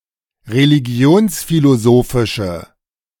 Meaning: inflection of religionsphilosophisch: 1. strong/mixed nominative/accusative feminine singular 2. strong nominative/accusative plural 3. weak nominative all-gender singular
- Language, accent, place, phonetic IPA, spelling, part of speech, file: German, Germany, Berlin, [ʁeliˈɡi̯oːnsfiloˌzoːfɪʃə], religionsphilosophische, adjective, De-religionsphilosophische.ogg